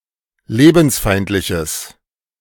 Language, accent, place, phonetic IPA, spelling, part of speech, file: German, Germany, Berlin, [ˈleːbn̩sˌfaɪ̯ntlɪçəs], lebensfeindliches, adjective, De-lebensfeindliches.ogg
- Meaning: strong/mixed nominative/accusative neuter singular of lebensfeindlich